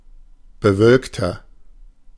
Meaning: inflection of bewölkt: 1. strong/mixed nominative masculine singular 2. strong genitive/dative feminine singular 3. strong genitive plural
- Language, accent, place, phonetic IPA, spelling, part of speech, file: German, Germany, Berlin, [bəˈvœlktɐ], bewölkter, adjective, De-bewölkter.ogg